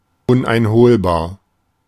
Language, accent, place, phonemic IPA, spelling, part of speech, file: German, Germany, Berlin, /ˌʊnʔaɪ̯nˈhoːlbaːɐ̯/, uneinholbar, adjective, De-uneinholbar.ogg
- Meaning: uncatchable